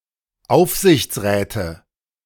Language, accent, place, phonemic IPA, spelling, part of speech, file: German, Germany, Berlin, /ˈʔaʊ̯fzɪçtsˌʁɛːtə/, Aufsichtsräte, noun, De-Aufsichtsräte.ogg
- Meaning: nominative/accusative/genitive plural of Aufsichtsrat